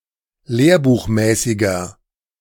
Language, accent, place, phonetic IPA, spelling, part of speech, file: German, Germany, Berlin, [ˈleːɐ̯buːxˌmɛːsɪɡɐ], lehrbuchmäßiger, adjective, De-lehrbuchmäßiger.ogg
- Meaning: inflection of lehrbuchmäßig: 1. strong/mixed nominative masculine singular 2. strong genitive/dative feminine singular 3. strong genitive plural